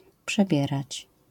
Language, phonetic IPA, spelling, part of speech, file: Polish, [pʃɛˈbʲjɛrat͡ɕ], przebierać, verb, LL-Q809 (pol)-przebierać.wav